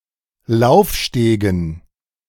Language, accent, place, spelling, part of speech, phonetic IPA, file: German, Germany, Berlin, Laufstegen, noun, [ˈlaʊ̯fˌʃteːɡn̩], De-Laufstegen.ogg
- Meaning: dative plural of Laufsteg